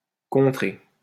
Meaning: to block, to counter, to counteract
- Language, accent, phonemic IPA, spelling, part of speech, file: French, France, /kɔ̃.tʁe/, contrer, verb, LL-Q150 (fra)-contrer.wav